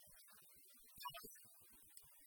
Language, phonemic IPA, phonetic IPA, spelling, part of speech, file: Tamil, /pɑːɾ/, [päːɾ], பார், verb / noun, Ta-பார்.ogg
- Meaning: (verb) 1. to see, look at, view, notice, observe, watch 2. to visit, meet 3. to search for, seek, look up 4. to look for, expect 5. to look after, take care of, manage, superintend